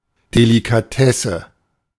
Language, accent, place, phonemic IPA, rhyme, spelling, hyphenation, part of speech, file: German, Germany, Berlin, /delikaˈtɛsə/, -ɛsə, Delikatesse, De‧li‧ka‧tes‧se, noun, De-Delikatesse.ogg
- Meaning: delicacy (pleasing food)